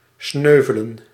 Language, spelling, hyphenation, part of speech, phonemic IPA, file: Dutch, sneuvelen, sneu‧ve‧len, verb, /ˈsnøː.və.lə(n)/, Nl-sneuvelen.ogg
- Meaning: 1. to die in battle 2. to perish, be eliminated 3. to break